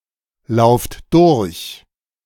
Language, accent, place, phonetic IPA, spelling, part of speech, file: German, Germany, Berlin, [ˌlaʊ̯ft ˈdʊʁç], lauft durch, verb, De-lauft durch.ogg
- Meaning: inflection of durchlaufen: 1. second-person plural present 2. plural imperative